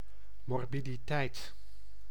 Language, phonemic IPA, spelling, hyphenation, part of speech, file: Dutch, /mɔrˌbidiˈtɛit/, morbiditeit, mor‧bi‧di‧teit, noun, Nl-morbiditeit.ogg
- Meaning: morbidity